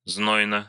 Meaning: short neuter singular of зно́йный (znójnyj)
- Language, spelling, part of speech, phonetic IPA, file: Russian, знойно, adjective, [ˈznojnə], Ru-знойно.ogg